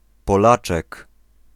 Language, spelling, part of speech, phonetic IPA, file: Polish, Polaczek, noun, [pɔˈlat͡ʃɛk], Pl-Polaczek.ogg